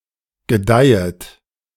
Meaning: second-person plural subjunctive I of gedeihen
- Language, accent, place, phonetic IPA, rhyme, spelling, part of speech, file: German, Germany, Berlin, [ɡəˈdaɪ̯ət], -aɪ̯ət, gedeihet, verb, De-gedeihet.ogg